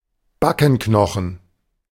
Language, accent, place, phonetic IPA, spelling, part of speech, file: German, Germany, Berlin, [ˈbakn̩ˌknɔxn̩], Backenknochen, noun, De-Backenknochen.ogg
- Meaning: cheekbone